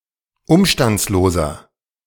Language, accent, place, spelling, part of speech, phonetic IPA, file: German, Germany, Berlin, umstandsloser, adjective, [ˈʊmʃtant͡sloːzɐ], De-umstandsloser.ogg
- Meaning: inflection of umstandslos: 1. strong/mixed nominative masculine singular 2. strong genitive/dative feminine singular 3. strong genitive plural